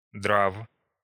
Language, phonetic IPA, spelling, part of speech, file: Russian, [draf], драв, verb, Ru-драв.ogg
- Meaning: short past adverbial imperfective participle of драть (dratʹ)